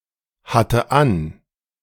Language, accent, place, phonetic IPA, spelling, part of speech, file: German, Germany, Berlin, [ˌhatə ˈan], hatte an, verb, De-hatte an.ogg
- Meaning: first/third-person singular preterite of anhaben